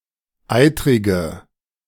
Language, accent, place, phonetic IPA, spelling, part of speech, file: German, Germany, Berlin, [ˈaɪ̯tʁɪɡə], eitrige, adjective, De-eitrige.ogg
- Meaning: inflection of eitrig: 1. strong/mixed nominative/accusative feminine singular 2. strong nominative/accusative plural 3. weak nominative all-gender singular 4. weak accusative feminine/neuter singular